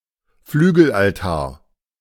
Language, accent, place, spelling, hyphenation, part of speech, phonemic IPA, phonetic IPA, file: German, Germany, Berlin, Flügelaltar, Flü‧gel‧al‧tar, noun, /ˈflyːɡəl.alˌtaː(ɐ̯)/, [ˈflyːɡl̩ʔalˌtaːɐ̯], De-Flügelaltar.ogg
- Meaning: winged altarpiece, winged retable